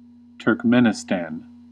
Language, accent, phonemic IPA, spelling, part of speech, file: English, US, /tɚkˈmɛn.ɪ.stæn/, Turkmenistan, proper noun, En-us-Turkmenistan.ogg
- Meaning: A country in Central Asia. Capital: Ashgabat